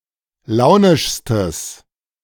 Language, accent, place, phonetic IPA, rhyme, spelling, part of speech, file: German, Germany, Berlin, [ˈlaʊ̯nɪʃstəs], -aʊ̯nɪʃstəs, launischstes, adjective, De-launischstes.ogg
- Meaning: strong/mixed nominative/accusative neuter singular superlative degree of launisch